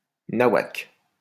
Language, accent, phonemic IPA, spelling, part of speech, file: French, France, /na.wak/, nawak, pronoun, LL-Q150 (fra)-nawak.wav
- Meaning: nonsense, rubbish, gibberish